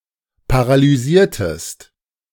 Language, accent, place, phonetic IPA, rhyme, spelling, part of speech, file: German, Germany, Berlin, [paʁalyˈziːɐ̯təst], -iːɐ̯təst, paralysiertest, verb, De-paralysiertest.ogg
- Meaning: inflection of paralysieren: 1. second-person singular preterite 2. second-person singular subjunctive II